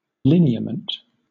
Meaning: 1. Any distinctive shape or line, etc 2. A distinctive feature that characterizes something, especially the parts of a person’s face
- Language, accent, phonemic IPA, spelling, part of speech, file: English, Southern England, /ˈlɪ.ni.ə.mənt/, lineament, noun, LL-Q1860 (eng)-lineament.wav